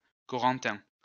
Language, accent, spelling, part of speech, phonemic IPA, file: French, France, Corentin, proper noun, /kɔ.ʁɑ̃.tɛ̃/, LL-Q150 (fra)-Corentin.wav
- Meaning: a male given name from Breton